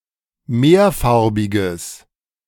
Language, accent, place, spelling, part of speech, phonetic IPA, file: German, Germany, Berlin, mehrfarbiges, adjective, [ˈmeːɐ̯ˌfaʁbɪɡəs], De-mehrfarbiges.ogg
- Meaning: strong/mixed nominative/accusative neuter singular of mehrfarbig